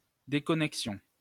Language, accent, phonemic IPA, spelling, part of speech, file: French, France, /de.kɔ.nɛk.sjɔ̃/, déconnexion, noun, LL-Q150 (fra)-déconnexion.wav
- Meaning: 1. disconnection 2. logout, sign-out (signout)